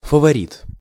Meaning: 1. favorite, minion 2. sport favorite
- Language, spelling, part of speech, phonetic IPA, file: Russian, фаворит, noun, [fəvɐˈrʲit], Ru-фаворит.ogg